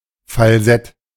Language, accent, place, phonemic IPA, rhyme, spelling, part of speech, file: German, Germany, Berlin, /falˈzɛt/, -ɛt, Falsett, noun, De-Falsett.ogg
- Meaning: falsetto ("false" (singing) voice in any human)